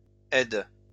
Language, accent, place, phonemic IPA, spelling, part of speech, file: French, France, Lyon, /ɛd/, aident, verb, LL-Q150 (fra)-aident.wav
- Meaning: third-person plural present indicative/subjunctive of aider